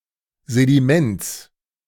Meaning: genitive singular of Sediment
- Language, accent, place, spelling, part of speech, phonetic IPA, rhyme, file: German, Germany, Berlin, Sediments, noun, [zediˈmɛnt͡s], -ɛnt͡s, De-Sediments.ogg